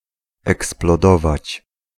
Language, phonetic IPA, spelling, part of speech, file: Polish, [ˌɛksplɔˈdɔvat͡ɕ], eksplodować, verb, Pl-eksplodować.ogg